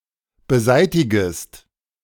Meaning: second-person singular subjunctive I of beseitigen
- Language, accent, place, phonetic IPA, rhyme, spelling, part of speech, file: German, Germany, Berlin, [bəˈzaɪ̯tɪɡəst], -aɪ̯tɪɡəst, beseitigest, verb, De-beseitigest.ogg